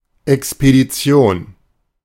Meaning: expedition
- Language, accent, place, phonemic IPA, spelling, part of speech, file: German, Germany, Berlin, /ʔɛkspediˈtsi̯oːn/, Expedition, noun, De-Expedition.ogg